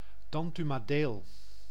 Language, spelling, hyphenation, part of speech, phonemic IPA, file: Dutch, Dantumadeel, Dan‧tu‧ma‧deel, proper noun, /ˌdɑn.ty.maːˈdeːl/, Nl-Dantumadeel.ogg
- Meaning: Dantumadiel (a municipality of Friesland, Netherlands)